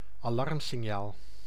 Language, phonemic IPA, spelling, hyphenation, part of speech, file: Dutch, /ɑˈlɑrmsɪnˌjaːl/, alarmsignaal, alarm‧sig‧naal, noun, Nl-alarmsignaal.ogg
- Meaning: an alarm (a vocal or mechanical signal, a notice, especially of approaching danger)